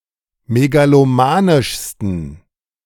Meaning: 1. superlative degree of megalomanisch 2. inflection of megalomanisch: strong genitive masculine/neuter singular superlative degree
- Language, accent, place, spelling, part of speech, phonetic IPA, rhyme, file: German, Germany, Berlin, megalomanischsten, adjective, [meɡaloˈmaːnɪʃstn̩], -aːnɪʃstn̩, De-megalomanischsten.ogg